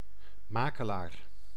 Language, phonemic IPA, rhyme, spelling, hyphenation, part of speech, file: Dutch, /ˈmaː.kəˌlaːr/, -aːkəlaːr, makelaar, ma‧ke‧laar, noun, Nl-makelaar.ogg
- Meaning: 1. a broker, notably in stocks and other financial products 2. a real estate agent, broker in immovable property